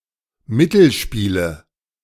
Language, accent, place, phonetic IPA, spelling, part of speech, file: German, Germany, Berlin, [ˈmɪtl̩ˌʃpiːlə], Mittelspiele, noun, De-Mittelspiele.ogg
- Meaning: nominative/accusative/genitive plural of Mittelspiel